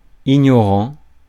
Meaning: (adjective) ignorant; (verb) present participle of ignorer
- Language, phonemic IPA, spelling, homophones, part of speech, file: French, /i.ɲɔ.ʁɑ̃/, ignorant, ignorants, adjective / verb, Fr-ignorant.ogg